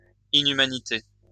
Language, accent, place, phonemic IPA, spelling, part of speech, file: French, France, Lyon, /i.ny.ma.ni.te/, inhumanité, noun, LL-Q150 (fra)-inhumanité.wav
- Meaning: 1. inhumanity 2. barbarity